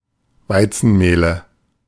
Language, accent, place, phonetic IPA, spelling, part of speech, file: German, Germany, Berlin, [ˈvaɪ̯t͡sn̩ˌmeːlə], Weizenmehle, noun, De-Weizenmehle.ogg
- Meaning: nominative/accusative/genitive plural of Weizenmehl